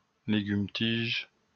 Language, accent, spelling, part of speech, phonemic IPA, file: French, France, tige, noun, /tiʒ/, LL-Q150 (fra)-tige.wav
- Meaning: 1. stem (of a plant etc.) 2. sapling 3. shank 4. ciggie, cig, fag, smoke